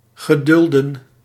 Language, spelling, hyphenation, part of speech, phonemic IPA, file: Dutch, gedulden, ge‧dul‧den, verb, /ˌɣəˈdʏl.də(n)/, Nl-gedulden.ogg
- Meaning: 1. to allow, to tolerate 2. to endure